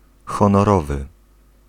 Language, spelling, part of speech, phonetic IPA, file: Polish, honorowy, adjective, [ˌxɔ̃nɔˈrɔvɨ], Pl-honorowy.ogg